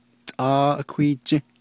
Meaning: every day, each day
- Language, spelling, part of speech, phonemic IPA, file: Navajo, tʼáá ákwíí jį́, adverb, /tʼɑ́ː ʔɑ̀kʷíː t͡ʃĩ́/, Nv-tʼáá ákwíí jį́.ogg